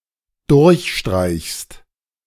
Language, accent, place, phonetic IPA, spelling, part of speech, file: German, Germany, Berlin, [ˈdʊʁçˌʃtʁaɪ̯çst], durchstreichst, verb, De-durchstreichst.ogg
- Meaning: second-person singular dependent present of durchstreichen